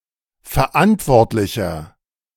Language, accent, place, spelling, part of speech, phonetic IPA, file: German, Germany, Berlin, verantwortlicher, adjective, [fɛɐ̯ˈʔantvɔʁtlɪçɐ], De-verantwortlicher.ogg
- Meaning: 1. comparative degree of verantwortlich 2. inflection of verantwortlich: strong/mixed nominative masculine singular 3. inflection of verantwortlich: strong genitive/dative feminine singular